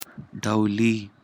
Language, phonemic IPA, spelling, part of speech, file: Pashto, /ɖəʊˈli/, ډولي, adjective, ډولي.ogg
- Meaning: fashionable